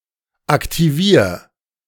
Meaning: 1. singular imperative of aktivieren 2. first-person singular present of aktivieren
- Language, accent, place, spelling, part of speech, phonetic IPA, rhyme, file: German, Germany, Berlin, aktivier, verb, [aktiˈviːɐ̯], -iːɐ̯, De-aktivier.ogg